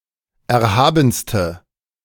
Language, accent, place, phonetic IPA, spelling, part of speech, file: German, Germany, Berlin, [ˌɛɐ̯ˈhaːbn̩stə], erhabenste, adjective, De-erhabenste.ogg
- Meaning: inflection of erhaben: 1. strong/mixed nominative/accusative feminine singular superlative degree 2. strong nominative/accusative plural superlative degree